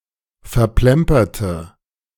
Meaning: inflection of verplempern: 1. first/third-person singular preterite 2. first/third-person singular subjunctive II
- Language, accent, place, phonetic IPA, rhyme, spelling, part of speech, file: German, Germany, Berlin, [fɛɐ̯ˈplɛmpɐtə], -ɛmpɐtə, verplemperte, adjective / verb, De-verplemperte.ogg